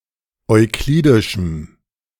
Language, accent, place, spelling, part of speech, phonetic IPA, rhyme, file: German, Germany, Berlin, euklidischem, adjective, [ɔɪ̯ˈkliːdɪʃm̩], -iːdɪʃm̩, De-euklidischem.ogg
- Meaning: strong dative masculine/neuter singular of euklidisch